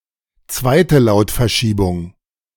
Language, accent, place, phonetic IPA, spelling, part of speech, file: German, Germany, Berlin, [ˌt͡svaɪ̯tə ˈlaʊ̯tfɛɐ̯ˌʃiːbʊŋ], zweite Lautverschiebung, phrase, De-zweite Lautverschiebung.ogg
- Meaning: High German consonant shift